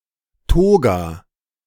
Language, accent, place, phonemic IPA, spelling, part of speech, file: German, Germany, Berlin, /ˈtoːɡa/, Toga, noun, De-Toga.ogg
- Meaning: toga (loose outer garment worn by the citizens of Rome)